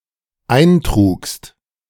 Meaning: second-person singular dependent preterite of eintragen
- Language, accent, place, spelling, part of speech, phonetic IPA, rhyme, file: German, Germany, Berlin, eintrugst, verb, [ˈaɪ̯nˌtʁuːkst], -aɪ̯ntʁuːkst, De-eintrugst.ogg